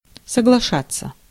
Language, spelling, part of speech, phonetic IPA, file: Russian, соглашаться, verb, [səɡɫɐˈʂat͡sːə], Ru-соглашаться.ogg
- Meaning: 1. to agree (to), to consent, to assent 2. to agree (with), to concur, to concede, to admit